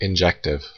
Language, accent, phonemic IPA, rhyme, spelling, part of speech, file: English, US, /ɪnˈd͡ʒɛktɪv/, -ɛktɪv, injective, adjective, En-us-injective.ogg
- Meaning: Of, relating to, or being an injection: such that each element of the image (or range) is associated with at most one element of the preimage (or domain); inverse-deterministic